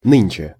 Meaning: now, nowadays, today
- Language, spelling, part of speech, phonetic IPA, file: Russian, нынче, adverb, [ˈnɨnʲt͡ɕe], Ru-нынче.ogg